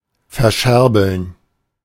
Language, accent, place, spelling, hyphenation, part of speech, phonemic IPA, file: German, Germany, Berlin, verscherbeln, ver‧scher‧beln, verb, /fɛɐ̯ˈʃɛʁbl̩n/, De-verscherbeln.ogg
- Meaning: to sell off